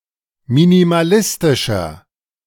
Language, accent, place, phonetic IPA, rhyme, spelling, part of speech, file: German, Germany, Berlin, [minimaˈlɪstɪʃɐ], -ɪstɪʃɐ, minimalistischer, adjective, De-minimalistischer.ogg
- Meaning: 1. comparative degree of minimalistisch 2. inflection of minimalistisch: strong/mixed nominative masculine singular 3. inflection of minimalistisch: strong genitive/dative feminine singular